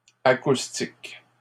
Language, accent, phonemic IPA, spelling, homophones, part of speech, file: French, Canada, /a.kus.tik/, acoustiques, acoustique, adjective / noun, LL-Q150 (fra)-acoustiques.wav
- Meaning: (adjective) plural of acoustique